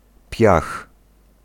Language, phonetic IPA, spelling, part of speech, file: Polish, [pʲjax], piach, noun, Pl-piach.ogg